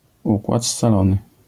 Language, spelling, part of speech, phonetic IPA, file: Polish, układ scalony, noun, [ˈukwat st͡saˈlɔ̃nɨ], LL-Q809 (pol)-układ scalony.wav